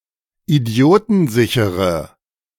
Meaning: inflection of idiotensicher: 1. strong/mixed nominative/accusative feminine singular 2. strong nominative/accusative plural 3. weak nominative all-gender singular
- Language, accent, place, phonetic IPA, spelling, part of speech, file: German, Germany, Berlin, [iˈdi̯oːtn̩ˌzɪçəʁə], idiotensichere, adjective, De-idiotensichere.ogg